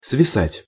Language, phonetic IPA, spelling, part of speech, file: Russian, [svʲɪˈsatʲ], свисать, verb, Ru-свисать.ogg
- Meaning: 1. to droop, to hang down, to dangle 2. to slouch